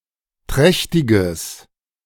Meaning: strong/mixed nominative/accusative neuter singular of trächtig
- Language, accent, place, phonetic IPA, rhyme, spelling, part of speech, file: German, Germany, Berlin, [ˈtʁɛçtɪɡəs], -ɛçtɪɡəs, trächtiges, adjective, De-trächtiges.ogg